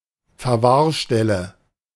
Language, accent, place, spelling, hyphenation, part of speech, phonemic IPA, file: German, Germany, Berlin, Verwahrstelle, Ver‧wahr‧stel‧le, noun, /fɛʁˈvaːɐ̯ˌʃtɛlə/, De-Verwahrstelle.ogg
- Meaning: pound (“place for detention of automobiles”)